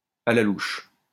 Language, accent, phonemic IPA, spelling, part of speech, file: French, France, /a la luʃ/, à la louche, adverb, LL-Q150 (fra)-à la louche.wav
- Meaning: roughly, approximately, give or take